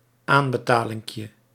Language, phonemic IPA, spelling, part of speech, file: Dutch, /ˈambəˌtalɪŋkjə/, aanbetalinkje, noun, Nl-aanbetalinkje.ogg
- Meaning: diminutive of aanbetaling